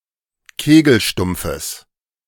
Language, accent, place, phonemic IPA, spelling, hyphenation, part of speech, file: German, Germany, Berlin, /ˈkeːɡl̩ˌʃtʊmp͡fəs/, Kegelstumpfes, Ke‧gel‧stump‧fes, noun, De-Kegelstumpfes.ogg
- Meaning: genitive singular of Kegelstumpf